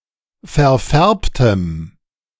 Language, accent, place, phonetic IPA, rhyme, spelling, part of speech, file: German, Germany, Berlin, [fɛɐ̯ˈfɛʁptəm], -ɛʁptəm, verfärbtem, adjective, De-verfärbtem.ogg
- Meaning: strong dative masculine/neuter singular of verfärbt